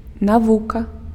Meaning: science
- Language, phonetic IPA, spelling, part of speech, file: Belarusian, [naˈvuka], навука, noun, Be-навука.ogg